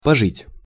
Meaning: 1. to live for a while 2. to stay for a while 3. to have seen life
- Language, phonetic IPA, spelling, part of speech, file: Russian, [pɐˈʐɨtʲ], пожить, verb, Ru-пожить.ogg